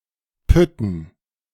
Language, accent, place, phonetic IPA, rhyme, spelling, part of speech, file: German, Germany, Berlin, [ˈpʏtn̩], -ʏtn̩, Pütten, noun, De-Pütten.ogg
- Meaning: dative plural of Pütt